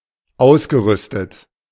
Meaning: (verb) past participle of ausrüsten; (adjective) 1. equipped 2. mounted
- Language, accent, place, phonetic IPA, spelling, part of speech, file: German, Germany, Berlin, [ˈaʊ̯sɡəˌʁʏstət], ausgerüstet, verb, De-ausgerüstet.ogg